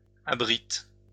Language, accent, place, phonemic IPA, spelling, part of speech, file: French, France, Lyon, /a.bʁit/, abrites, verb, LL-Q150 (fra)-abrites.wav
- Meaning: second-person singular present indicative/subjunctive of abriter